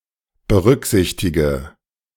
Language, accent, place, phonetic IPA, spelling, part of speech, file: German, Germany, Berlin, [bəˈʁʏkˌzɪçtɪɡə], berücksichtige, verb, De-berücksichtige.ogg
- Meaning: inflection of berücksichtigen: 1. first-person singular present 2. first/third-person singular subjunctive I 3. singular imperative